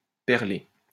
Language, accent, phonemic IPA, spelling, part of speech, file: French, France, /pɛʁ.le/, perler, verb, LL-Q150 (fra)-perler.wav
- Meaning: to bead (form into beads)